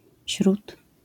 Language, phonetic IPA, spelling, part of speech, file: Polish, [ɕrut], śrut, noun, LL-Q809 (pol)-śrut.wav